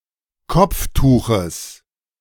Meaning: genitive singular of Kopftuch
- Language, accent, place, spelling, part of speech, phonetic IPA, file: German, Germany, Berlin, Kopftuches, noun, [ˈkɔp͡fˌtuːxəs], De-Kopftuches.ogg